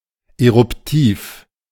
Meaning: 1. eruptive 2. igneous
- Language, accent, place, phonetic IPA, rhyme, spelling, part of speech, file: German, Germany, Berlin, [eʁʊpˈtiːf], -iːf, eruptiv, adjective, De-eruptiv.ogg